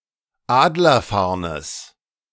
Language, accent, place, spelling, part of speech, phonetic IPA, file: German, Germany, Berlin, Adlerfarnes, noun, [ˈaːdlɐˌfaʁnəs], De-Adlerfarnes.ogg
- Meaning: genitive singular of Adlerfarn